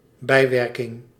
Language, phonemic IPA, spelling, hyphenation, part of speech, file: Dutch, /ˈbɛi̯.ʋɛr.kɪŋ/, bijwerking, bij‧wer‧king, noun, Nl-bijwerking.ogg
- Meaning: 1. side effect, adverse effect 2. update, the act of keeping something up to date